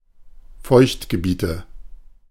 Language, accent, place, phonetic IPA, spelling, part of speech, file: German, Germany, Berlin, [ˈfɔɪ̯çtɡəˌbiːtə], Feuchtgebiete, noun, De-Feuchtgebiete.ogg
- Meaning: nominative/accusative/genitive plural of Feuchtgebiet